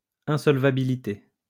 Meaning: insolvency
- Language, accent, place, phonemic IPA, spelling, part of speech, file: French, France, Lyon, /ɛ̃.sɔl.va.bi.li.te/, insolvabilité, noun, LL-Q150 (fra)-insolvabilité.wav